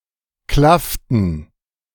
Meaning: inflection of klaffen: 1. first/third-person plural preterite 2. first/third-person plural subjunctive II
- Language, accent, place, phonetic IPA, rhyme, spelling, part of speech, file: German, Germany, Berlin, [ˈklaftn̩], -aftn̩, klafften, verb, De-klafften.ogg